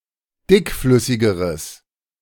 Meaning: strong/mixed nominative/accusative neuter singular comparative degree of dickflüssig
- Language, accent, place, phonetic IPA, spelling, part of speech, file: German, Germany, Berlin, [ˈdɪkˌflʏsɪɡəʁəs], dickflüssigeres, adjective, De-dickflüssigeres.ogg